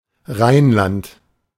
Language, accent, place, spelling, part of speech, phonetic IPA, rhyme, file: German, Germany, Berlin, Rheinland, proper noun, [ˈʁaɪ̯nˌlant], -aɪ̯nlant, De-Rheinland.ogg
- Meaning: Rhineland (geographical region in western Germany, roughly equivalent to the former Prussian Rhine Province)